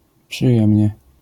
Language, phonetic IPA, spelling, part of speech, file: Polish, [pʃɨˈjɛ̃mʲɲɛ], przyjemnie, adverb, LL-Q809 (pol)-przyjemnie.wav